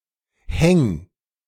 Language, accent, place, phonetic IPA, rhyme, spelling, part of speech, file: German, Germany, Berlin, [hɛŋ], -ɛŋ, häng, verb, De-häng.ogg
- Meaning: singular imperative of hängen